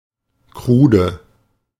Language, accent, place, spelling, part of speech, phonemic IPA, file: German, Germany, Berlin, krude, adjective, /ˈkʁuːdə/, De-krude.ogg
- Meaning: 1. raw 2. crude